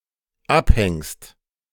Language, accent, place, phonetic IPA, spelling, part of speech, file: German, Germany, Berlin, [ˈapˌhɛŋst], abhängst, verb, De-abhängst.ogg
- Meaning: second-person singular dependent present of abhängen